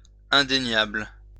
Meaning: undeniable
- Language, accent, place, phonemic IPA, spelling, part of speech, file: French, France, Lyon, /ɛ̃.de.njabl/, indéniable, adjective, LL-Q150 (fra)-indéniable.wav